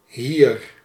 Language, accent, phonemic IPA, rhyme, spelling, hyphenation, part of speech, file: Dutch, Netherlands, /ɦir/, -ir, hier, hier, adverb, Nl-hier.ogg
- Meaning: 1. here 2. pronominal adverb form of dit; this